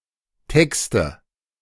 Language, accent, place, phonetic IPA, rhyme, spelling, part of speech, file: German, Germany, Berlin, [ˈtɛkstə], -ɛkstə, Texte, noun, De-Texte.ogg
- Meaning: nominative/accusative/genitive plural of Text